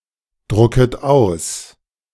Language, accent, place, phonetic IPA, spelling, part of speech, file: German, Germany, Berlin, [ˌdʁʊkət ˈaʊ̯s], drucket aus, verb, De-drucket aus.ogg
- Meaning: second-person plural subjunctive I of ausdrucken